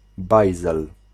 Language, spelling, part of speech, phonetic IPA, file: Polish, bajzel, noun, [ˈbajzɛl], Pl-bajzel.ogg